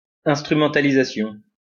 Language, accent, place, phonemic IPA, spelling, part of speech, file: French, France, Lyon, /ɛ̃s.tʁy.mɑ̃.ta.li.za.sjɔ̃/, instrumentalisation, noun, LL-Q150 (fra)-instrumentalisation.wav
- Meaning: making use of something to achieve a practical or political goal, manipulation